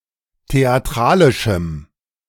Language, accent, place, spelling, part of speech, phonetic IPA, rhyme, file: German, Germany, Berlin, theatralischem, adjective, [teaˈtʁaːlɪʃm̩], -aːlɪʃm̩, De-theatralischem.ogg
- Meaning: strong dative masculine/neuter singular of theatralisch